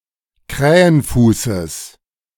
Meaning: genitive singular of Krähenfuß
- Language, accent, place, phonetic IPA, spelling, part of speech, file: German, Germany, Berlin, [ˈkʁɛːənˌfuːsəs], Krähenfußes, noun, De-Krähenfußes.ogg